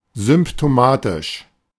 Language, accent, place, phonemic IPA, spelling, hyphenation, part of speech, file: German, Germany, Berlin, /zʏmptoˈmaːtɪʃ/, symptomatisch, sym‧p‧to‧ma‧tisch, adjective, De-symptomatisch.ogg
- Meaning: symptomatic